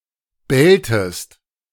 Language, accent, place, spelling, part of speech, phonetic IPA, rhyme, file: German, Germany, Berlin, belltest, verb, [ˈbɛltəst], -ɛltəst, De-belltest.ogg
- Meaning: inflection of bellen: 1. second-person singular preterite 2. second-person singular subjunctive II